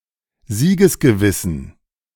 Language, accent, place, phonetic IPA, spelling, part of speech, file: German, Germany, Berlin, [ˈziːɡəsɡəˌvɪsn̩], siegesgewissen, adjective, De-siegesgewissen.ogg
- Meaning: inflection of siegesgewiss: 1. strong genitive masculine/neuter singular 2. weak/mixed genitive/dative all-gender singular 3. strong/weak/mixed accusative masculine singular 4. strong dative plural